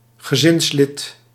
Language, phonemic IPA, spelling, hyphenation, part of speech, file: Dutch, /ɣəˈzɪnsˌlɪt/, gezinslid, ge‧zins‧lid, noun, Nl-gezinslid.ogg
- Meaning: family member, member of the same family (e.g. sharing a household)